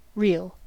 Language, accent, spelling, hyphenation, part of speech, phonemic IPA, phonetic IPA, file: English, US, reel, reel, noun / verb, /ˈɹiːl/, [ˈɹʷɪi̯l], En-us-reel.ogg
- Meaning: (noun) 1. A shaky or unsteady gait 2. A lively dance originating in Scotland 3. The music of this dance; often called a Scottish (or Scotch) reel